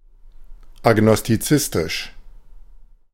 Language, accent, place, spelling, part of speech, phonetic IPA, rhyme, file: German, Germany, Berlin, agnostizistisch, adjective, [aɡnɔstiˈt͡sɪstɪʃ], -ɪstɪʃ, De-agnostizistisch.ogg
- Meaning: agnostic, agnostical